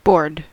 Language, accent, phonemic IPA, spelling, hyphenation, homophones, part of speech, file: English, US, /bɔɹd/, board, board, bored / baud, noun / verb, En-us-board.ogg
- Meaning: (noun) A relatively long, wide and thin piece of any material, usually wood or similar, often for use in construction or furniture-making